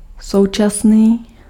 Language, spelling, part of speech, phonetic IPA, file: Czech, současný, adjective, [ˈsou̯t͡ʃasniː], Cs-současný.ogg
- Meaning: 1. contemporary 2. current, present